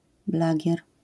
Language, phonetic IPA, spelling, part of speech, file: Polish, [ˈblaɟɛr], blagier, noun, LL-Q809 (pol)-blagier.wav